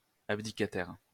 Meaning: who has abdicated
- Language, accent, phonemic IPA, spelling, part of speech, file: French, France, /ab.di.ka.tɛʁ/, abdicataire, adjective, LL-Q150 (fra)-abdicataire.wav